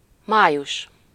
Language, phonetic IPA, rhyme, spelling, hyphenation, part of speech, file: Hungarian, [ˈmaːjuʃ], -uʃ, május, má‧jus, noun, Hu-május.ogg
- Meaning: May